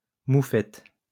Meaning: skunk
- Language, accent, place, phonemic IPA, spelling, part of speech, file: French, France, Lyon, /mu.fɛt/, mouffette, noun, LL-Q150 (fra)-mouffette.wav